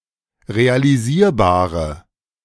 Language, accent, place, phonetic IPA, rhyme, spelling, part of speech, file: German, Germany, Berlin, [ʁealiˈziːɐ̯baːʁə], -iːɐ̯baːʁə, realisierbare, adjective, De-realisierbare.ogg
- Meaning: inflection of realisierbar: 1. strong/mixed nominative/accusative feminine singular 2. strong nominative/accusative plural 3. weak nominative all-gender singular